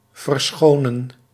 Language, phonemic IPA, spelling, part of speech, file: Dutch, /vərˈsxoːnə(n)/, verschonen, verb, Nl-verschonen.ogg
- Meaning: 1. to change, to replace with a clean piece of the same thing 2. to excuse, pardon 3. to withhold, to fail to use or employ